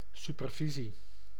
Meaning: supervision
- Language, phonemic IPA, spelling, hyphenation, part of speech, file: Dutch, /ˌsypərˈvisi/, supervisie, su‧per‧vi‧sie, noun, Nl-supervisie.ogg